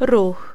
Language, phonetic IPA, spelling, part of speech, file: Polish, [rux], ruch, noun, Pl-ruch.ogg